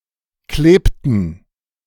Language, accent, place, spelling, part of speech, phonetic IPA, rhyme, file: German, Germany, Berlin, klebten, verb, [ˈkleːptn̩], -eːptn̩, De-klebten.ogg
- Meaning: inflection of kleben: 1. first/third-person plural preterite 2. first/third-person plural subjunctive II